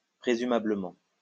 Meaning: presumably
- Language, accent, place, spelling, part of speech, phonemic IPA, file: French, France, Lyon, présumablement, adverb, /pʁe.zy.ma.blə.mɑ̃/, LL-Q150 (fra)-présumablement.wav